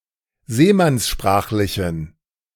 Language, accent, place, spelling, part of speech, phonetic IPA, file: German, Germany, Berlin, seemannssprachlichen, adjective, [ˈzeːmansˌʃpʁaːxlɪçn̩], De-seemannssprachlichen.ogg
- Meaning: inflection of seemannssprachlich: 1. strong genitive masculine/neuter singular 2. weak/mixed genitive/dative all-gender singular 3. strong/weak/mixed accusative masculine singular